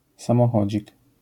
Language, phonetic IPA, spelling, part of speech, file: Polish, [ˌsãmɔˈxɔd͡ʑik], samochodzik, noun, LL-Q809 (pol)-samochodzik.wav